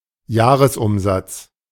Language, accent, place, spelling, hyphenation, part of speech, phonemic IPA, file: German, Germany, Berlin, Jahresumsatz, Jah‧res‧um‧satz, noun, /ˈjaːʁəsˌʔʊmzat͡s/, De-Jahresumsatz.ogg
- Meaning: annual sales, yearly turnover